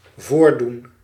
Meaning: 1. to demonstrate 2. to occur 3. to pose, act, pretend (with als)
- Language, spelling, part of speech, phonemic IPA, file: Dutch, voordoen, verb, /ˈvoːrˌdun/, Nl-voordoen.ogg